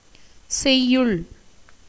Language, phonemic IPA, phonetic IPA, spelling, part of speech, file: Tamil, /tʃɛjːʊɭ/, [se̞jːʊɭ], செய்யுள், noun, Ta-செய்யுள்.ogg
- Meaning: 1. stanza, verse 2. poem 3. commentary 4. action 5. cultivated field